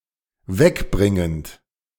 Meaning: present participle of wegbringen
- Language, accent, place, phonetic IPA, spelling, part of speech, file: German, Germany, Berlin, [ˈvɛkˌbʁɪŋənt], wegbringend, verb, De-wegbringend.ogg